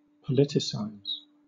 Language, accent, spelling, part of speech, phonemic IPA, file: English, Southern England, politicize, verb, /pəˈlɪtɪˌsaɪz/, LL-Q1860 (eng)-politicize.wav
- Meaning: 1. To engage in or discuss politics 2. To give something political characteristics; to turn into a political issue 3. To make someone politically active or aware